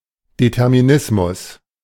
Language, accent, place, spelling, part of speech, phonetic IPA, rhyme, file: German, Germany, Berlin, Determinismus, noun, [detɛʁmiˈnɪsmʊs], -ɪsmʊs, De-Determinismus.ogg
- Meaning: determinism